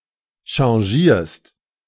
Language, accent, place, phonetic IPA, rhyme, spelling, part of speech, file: German, Germany, Berlin, [ʃɑ̃ˈʒiːɐ̯st], -iːɐ̯st, changierst, verb, De-changierst.ogg
- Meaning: second-person singular present of changieren